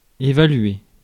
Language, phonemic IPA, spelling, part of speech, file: French, /e.va.lɥe/, évaluer, verb, Fr-évaluer.ogg
- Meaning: to assess